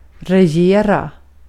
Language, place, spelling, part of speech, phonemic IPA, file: Swedish, Gotland, regera, verb, /rɛˈjeːra/, Sv-regera.ogg
- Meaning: to rule, to govern, to be in government